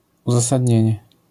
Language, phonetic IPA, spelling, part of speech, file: Polish, [ˌuzasadʲˈɲɛ̇̃ɲɛ], uzasadnienie, noun, LL-Q809 (pol)-uzasadnienie.wav